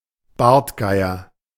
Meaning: bearded vulture, lammergeier
- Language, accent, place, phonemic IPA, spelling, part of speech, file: German, Germany, Berlin, /ˈbaʁtˌɡaɪ̯ɐ/, Bartgeier, noun, De-Bartgeier.ogg